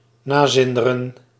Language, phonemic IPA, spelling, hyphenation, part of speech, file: Dutch, /ˈnaːˌzɪn.də.rə(n)/, nazinderen, na‧zin‧de‧ren, verb, Nl-nazinderen.ogg
- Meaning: to linger, to last, to resonate